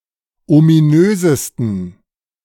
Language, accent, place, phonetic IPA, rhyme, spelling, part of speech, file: German, Germany, Berlin, [omiˈnøːzəstn̩], -øːzəstn̩, ominösesten, adjective, De-ominösesten.ogg
- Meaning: 1. superlative degree of ominös 2. inflection of ominös: strong genitive masculine/neuter singular superlative degree